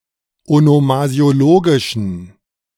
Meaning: inflection of onomasiologisch: 1. strong genitive masculine/neuter singular 2. weak/mixed genitive/dative all-gender singular 3. strong/weak/mixed accusative masculine singular 4. strong dative plural
- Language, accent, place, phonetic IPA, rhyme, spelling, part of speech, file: German, Germany, Berlin, [onomazi̯oˈloːɡɪʃn̩], -oːɡɪʃn̩, onomasiologischen, adjective, De-onomasiologischen.ogg